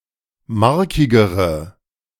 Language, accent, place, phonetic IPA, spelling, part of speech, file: German, Germany, Berlin, [ˈmaʁkɪɡəʁə], markigere, adjective, De-markigere.ogg
- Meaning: inflection of markig: 1. strong/mixed nominative/accusative feminine singular comparative degree 2. strong nominative/accusative plural comparative degree